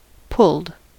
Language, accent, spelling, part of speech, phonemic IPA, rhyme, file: English, US, pulled, verb / adjective, /pʊld/, -ʊld, En-us-pulled.ogg
- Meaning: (verb) simple past and past participle of pull; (adjective) Of cooked meat, prepared by being torn into fine pieces